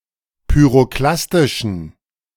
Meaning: inflection of pyroklastisch: 1. strong genitive masculine/neuter singular 2. weak/mixed genitive/dative all-gender singular 3. strong/weak/mixed accusative masculine singular 4. strong dative plural
- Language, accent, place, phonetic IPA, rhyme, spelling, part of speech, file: German, Germany, Berlin, [pyʁoˈklastɪʃn̩], -astɪʃn̩, pyroklastischen, adjective, De-pyroklastischen.ogg